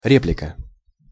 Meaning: 1. remark 2. retort, rejoinder 3. theatral cue 4. replica
- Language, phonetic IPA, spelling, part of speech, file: Russian, [ˈrʲeplʲɪkə], реплика, noun, Ru-реплика.ogg